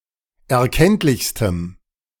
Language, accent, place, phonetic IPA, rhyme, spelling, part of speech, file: German, Germany, Berlin, [ɛɐ̯ˈkɛntlɪçstəm], -ɛntlɪçstəm, erkenntlichstem, adjective, De-erkenntlichstem.ogg
- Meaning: strong dative masculine/neuter singular superlative degree of erkenntlich